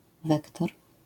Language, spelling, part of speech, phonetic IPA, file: Polish, wektor, noun, [ˈvɛktɔr], LL-Q809 (pol)-wektor.wav